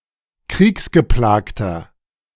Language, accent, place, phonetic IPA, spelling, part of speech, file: German, Germany, Berlin, [ˈkʁiːksɡəˌplaːktɐ], kriegsgeplagter, adjective, De-kriegsgeplagter.ogg
- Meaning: inflection of kriegsgeplagt: 1. strong/mixed nominative masculine singular 2. strong genitive/dative feminine singular 3. strong genitive plural